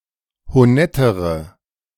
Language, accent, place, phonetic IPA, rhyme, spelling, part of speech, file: German, Germany, Berlin, [hoˈnɛtəʁə], -ɛtəʁə, honettere, adjective, De-honettere.ogg
- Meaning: inflection of honett: 1. strong/mixed nominative/accusative feminine singular comparative degree 2. strong nominative/accusative plural comparative degree